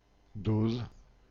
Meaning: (noun) 1. proportion 2. dose; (verb) inflection of doser: 1. first/third-person singular present indicative/subjunctive 2. second-person singular imperative
- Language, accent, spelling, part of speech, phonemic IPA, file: French, France, dose, noun / verb, /doz/, Fr-dose.ogg